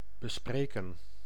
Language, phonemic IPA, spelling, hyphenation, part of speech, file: Dutch, /bəˈspreːkə(n)/, bespreken, be‧spre‧ken, verb, Nl-bespreken.ogg
- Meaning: to discuss